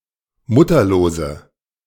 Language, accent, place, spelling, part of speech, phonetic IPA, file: German, Germany, Berlin, mutterlose, adjective, [ˈmʊtɐloːzə], De-mutterlose.ogg
- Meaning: inflection of mutterlos: 1. strong/mixed nominative/accusative feminine singular 2. strong nominative/accusative plural 3. weak nominative all-gender singular